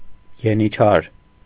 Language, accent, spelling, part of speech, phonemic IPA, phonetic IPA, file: Armenian, Eastern Armenian, ենիչար, noun, /jeniˈt͡ʃʰɑɾ/, [jenit͡ʃʰɑ́ɾ], Hy-ենիչար.ogg
- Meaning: alternative spelling of ենիչերի (eničʻeri)